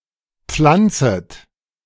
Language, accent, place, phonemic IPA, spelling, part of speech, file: German, Germany, Berlin, /ˈpflantsət/, pflanzet, verb, De-pflanzet.ogg
- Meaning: second-person plural subjunctive I of pflanzen